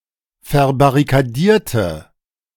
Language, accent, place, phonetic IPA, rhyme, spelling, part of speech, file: German, Germany, Berlin, [fɛɐ̯baʁikaˈdiːɐ̯tə], -iːɐ̯tə, verbarrikadierte, adjective / verb, De-verbarrikadierte.ogg
- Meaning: inflection of verbarrikadieren: 1. first/third-person singular preterite 2. first/third-person singular subjunctive II